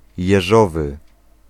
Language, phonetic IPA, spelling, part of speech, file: Polish, [jɛˈʒɔvɨ], jeżowy, adjective, Pl-jeżowy.ogg